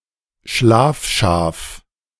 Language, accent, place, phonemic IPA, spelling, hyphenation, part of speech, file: German, Germany, Berlin, /ˈʃlaːfˌʃaːf/, Schlafschaf, Schlaf‧schaf, noun, De-Schlafschaf.ogg
- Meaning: sheeple (lit. sleeping sheep)